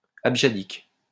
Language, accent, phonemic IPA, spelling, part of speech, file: French, France, /ab.ʒa.dik/, abjadique, adjective, LL-Q150 (fra)-abjadique.wav
- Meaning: abjadic